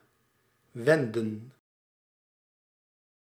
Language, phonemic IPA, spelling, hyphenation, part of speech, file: Dutch, /ˈʋɛndə(n)/, wenden, wen‧den, verb, Nl-wenden.ogg
- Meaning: 1. to direct oneself, turn 2. to come about 3. inflection of wennen: plural past indicative 4. inflection of wennen: plural past subjunctive